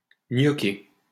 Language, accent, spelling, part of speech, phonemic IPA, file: French, France, gnoquer, verb, /ɲɔ.ke/, LL-Q150 (fra)-gnoquer.wav
- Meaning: to grok